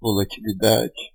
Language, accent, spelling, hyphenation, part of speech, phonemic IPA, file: Portuguese, Brazil, volatilidade, vo‧la‧ti‧li‧da‧de, noun, /vo.la.t͡ʃi.liˈda.d͡ʒi/, Pt-br-volatilidade.ogg
- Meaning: volatility